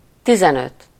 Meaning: fifteen
- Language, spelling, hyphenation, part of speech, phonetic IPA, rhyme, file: Hungarian, tizenöt, ti‧zen‧öt, numeral, [ˈtizɛnøt], -øt, Hu-tizenöt.ogg